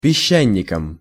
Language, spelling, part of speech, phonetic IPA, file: Russian, песчаником, noun, [pʲɪˈɕːænʲɪkəm], Ru-песчаником.ogg
- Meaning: instrumental singular of песча́ник (pesčánik)